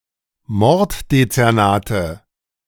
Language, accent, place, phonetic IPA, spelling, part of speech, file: German, Germany, Berlin, [ˈmɔʁtdet͡sɛʁˌnaːtə], Morddezernate, noun, De-Morddezernate.ogg
- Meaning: nominative/accusative/genitive plural of Morddezernat